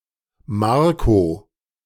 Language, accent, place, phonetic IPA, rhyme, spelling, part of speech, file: German, Germany, Berlin, [ˈmaʁko], -aʁko, Marco, proper noun, De-Marco.ogg
- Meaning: a male given name from Italian